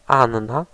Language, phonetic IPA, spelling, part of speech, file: Polish, [ˈãnːa], Anna, proper noun, Pl-Anna.ogg